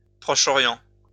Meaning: Near East (the geographic region of Western Asia located southeast of Eastern Europe, comprising Anatolia, Transcaucasia, the Levant, Egypt, Mesopotamia, Persia, and Arabia)
- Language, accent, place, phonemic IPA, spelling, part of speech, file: French, France, Lyon, /pʁɔ.ʃɔ.ʁjɑ̃/, Proche-Orient, proper noun, LL-Q150 (fra)-Proche-Orient.wav